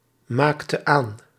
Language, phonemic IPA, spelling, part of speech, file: Dutch, /ˈmaktə(n) ˈan/, maakten aan, verb, Nl-maakten aan.ogg
- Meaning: inflection of aanmaken: 1. plural past indicative 2. plural past subjunctive